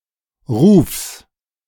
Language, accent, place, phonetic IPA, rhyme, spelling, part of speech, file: German, Germany, Berlin, [ʁuːfs], -uːfs, Rufs, noun, De-Rufs.ogg
- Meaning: genitive singular of Ruf